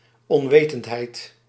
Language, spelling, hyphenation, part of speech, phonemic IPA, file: Dutch, onwetendheid, on‧we‧tend‧heid, noun, /ˌɔnˈʋeː.tənt.ɦɛi̯t/, Nl-onwetendheid.ogg
- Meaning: ignorance